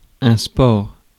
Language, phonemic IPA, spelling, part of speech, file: French, /spɔʁ/, sport, noun, Fr-sport.ogg
- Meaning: sport